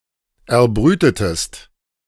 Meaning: inflection of erbrüten: 1. second-person singular preterite 2. second-person singular subjunctive II
- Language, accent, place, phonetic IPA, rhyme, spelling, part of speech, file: German, Germany, Berlin, [ɛɐ̯ˈbʁyːtətəst], -yːtətəst, erbrütetest, verb, De-erbrütetest.ogg